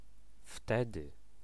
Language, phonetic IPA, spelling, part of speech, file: Polish, [ˈftɛdɨ], wtedy, pronoun, Pl-wtedy.ogg